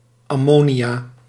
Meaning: ammonia solution
- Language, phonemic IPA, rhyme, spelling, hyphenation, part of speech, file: Dutch, /ɑˈmoː.ni.aː/, -oːniaː, ammonia, am‧mo‧nia, noun, Nl-ammonia.ogg